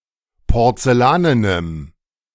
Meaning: strong dative masculine/neuter singular of porzellanen
- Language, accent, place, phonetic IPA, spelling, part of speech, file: German, Germany, Berlin, [pɔʁt͡sɛˈlaːnənəm], porzellanenem, adjective, De-porzellanenem.ogg